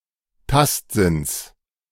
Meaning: genitive singular of Tastsinn
- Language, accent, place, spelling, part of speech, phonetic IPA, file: German, Germany, Berlin, Tastsinns, noun, [ˈtastzɪns], De-Tastsinns.ogg